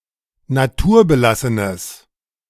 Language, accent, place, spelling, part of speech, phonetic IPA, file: German, Germany, Berlin, naturbelassenes, adjective, [naˈtuːɐ̯bəˌlasənəs], De-naturbelassenes.ogg
- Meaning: strong/mixed nominative/accusative neuter singular of naturbelassen